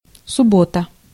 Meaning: Saturday
- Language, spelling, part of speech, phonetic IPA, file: Russian, суббота, noun, [sʊˈbotə], Ru-суббота.ogg